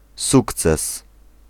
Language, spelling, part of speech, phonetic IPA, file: Polish, sukces, noun, [ˈsukt͡sɛs], Pl-sukces.ogg